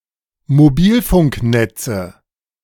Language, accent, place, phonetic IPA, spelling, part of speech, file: German, Germany, Berlin, [moˈbiːlfʊŋkˌnɛt͡sə], Mobilfunknetze, noun, De-Mobilfunknetze.ogg
- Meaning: nominative/accusative/genitive plural of Mobilfunknetz